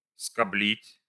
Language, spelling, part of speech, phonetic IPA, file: Russian, скоблить, verb, [skɐˈblʲitʲ], Ru-скоблить.ogg
- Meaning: to scrape, to scrub